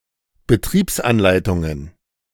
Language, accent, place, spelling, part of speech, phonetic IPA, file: German, Germany, Berlin, Betriebsanleitungen, noun, [bəˈtʁiːpsʔanˌlaɪ̯tʊŋən], De-Betriebsanleitungen.ogg
- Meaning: plural of Betriebsanleitung